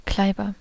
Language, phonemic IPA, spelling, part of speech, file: German, /ˈklaɪ̯bɐ/, Kleiber, noun / proper noun, De-Kleiber.ogg
- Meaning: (noun) 1. nuthatch 2. Eurasian nuthatch; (proper noun) a surname